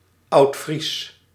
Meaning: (proper noun) Old Frisian
- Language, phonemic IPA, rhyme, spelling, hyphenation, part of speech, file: Dutch, /ɑu̯tˈfris/, -is, Oudfries, Oud‧fries, proper noun / adjective, Nl-Oudfries.ogg